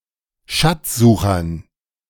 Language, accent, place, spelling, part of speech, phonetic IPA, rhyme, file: German, Germany, Berlin, schätzomativer, adjective, [ˌʃɛt͡somaˈtiːvɐ], -iːvɐ, De-schätzomativer.ogg
- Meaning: inflection of schätzomativ: 1. strong/mixed nominative masculine singular 2. strong genitive/dative feminine singular 3. strong genitive plural